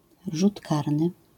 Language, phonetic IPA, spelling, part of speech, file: Polish, [ˈʒut ˈkarnɨ], rzut karny, noun, LL-Q809 (pol)-rzut karny.wav